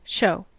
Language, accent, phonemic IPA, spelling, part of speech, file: English, US, /ʃoʊ/, show, verb / noun, En-us-show.ogg
- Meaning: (verb) To display, convey or exhibit; to have something available for others to see; to direct attention to something